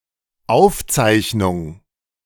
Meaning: 1. record, recording 2. outline, note
- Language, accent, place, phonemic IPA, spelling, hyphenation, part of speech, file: German, Germany, Berlin, /ˈaʊ̯fˌtsaɪ̯çnʊŋ/, Aufzeichnung, Auf‧zeich‧nung, noun, De-Aufzeichnung.ogg